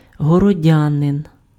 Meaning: townsman, city dweller
- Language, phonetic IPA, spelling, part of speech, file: Ukrainian, [ɦɔrɔˈdʲanen], городянин, noun, Uk-городянин.ogg